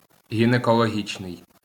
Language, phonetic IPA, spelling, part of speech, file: Ukrainian, [ɦʲinekɔɫoˈɦʲit͡ʃnei̯], гінекологічний, adjective, LL-Q8798 (ukr)-гінекологічний.wav
- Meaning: gynaecological (UK), gynecological (US)